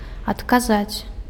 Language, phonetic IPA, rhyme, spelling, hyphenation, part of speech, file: Belarusian, [atkaˈzat͡sʲ], -at͡sʲ, адказаць, ад‧ка‧заць, verb, Be-адказаць.ogg
- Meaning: to answer, to respond, to reply